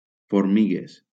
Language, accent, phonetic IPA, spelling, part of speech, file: Catalan, Valencia, [foɾˈmi.ɣes], formigues, noun, LL-Q7026 (cat)-formigues.wav
- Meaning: plural of formiga